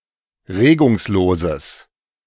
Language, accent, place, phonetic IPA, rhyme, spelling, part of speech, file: German, Germany, Berlin, [ˈʁeːɡʊŋsˌloːzəs], -eːɡʊŋsloːzəs, regungsloses, adjective, De-regungsloses.ogg
- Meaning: strong/mixed nominative/accusative neuter singular of regungslos